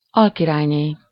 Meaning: vicereine (the wife of a viceroy)
- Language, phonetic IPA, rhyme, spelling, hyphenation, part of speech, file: Hungarian, [ˈɒlkiraːjneː], -neː, alkirályné, al‧ki‧rály‧né, noun, Hu-alkirályné.ogg